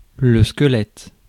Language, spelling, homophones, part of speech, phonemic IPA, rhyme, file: French, squelette, squelettes, noun, /skə.lɛt/, -ɛt, Fr-squelette.ogg
- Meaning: 1. skeleton 2. a very thin person